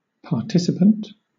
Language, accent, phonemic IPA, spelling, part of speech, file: English, Southern England, /pɑːˈtɪsɪpənt/, participant, noun / adjective, LL-Q1860 (eng)-participant.wav
- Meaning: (noun) 1. One who participates 2. One who participates.: A human subject in a scientific experiment, such as a clinical trial; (adjective) Sharing; participating; having a share of part